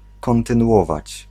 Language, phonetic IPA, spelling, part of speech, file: Polish, [ˌkɔ̃ntɨ̃nuˈʷɔvat͡ɕ], kontynuować, verb, Pl-kontynuować.ogg